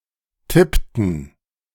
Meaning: inflection of tippen: 1. first/third-person plural preterite 2. first/third-person plural subjunctive II
- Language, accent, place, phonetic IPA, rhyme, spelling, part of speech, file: German, Germany, Berlin, [ˈtɪptn̩], -ɪptn̩, tippten, verb, De-tippten.ogg